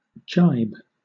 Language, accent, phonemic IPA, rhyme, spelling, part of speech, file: English, Southern England, /d͡ʒaɪb/, -aɪb, gybe, verb / noun, LL-Q1860 (eng)-gybe.wav
- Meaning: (verb) To shift a fore-and-aft sail from one side of a sailing vessel to the other, while sailing before the wind